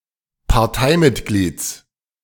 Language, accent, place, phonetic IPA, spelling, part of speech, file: German, Germany, Berlin, [paʁˈtaɪ̯mɪtˌɡliːt͡s], Parteimitglieds, noun, De-Parteimitglieds.ogg
- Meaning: genitive singular of Parteimitglied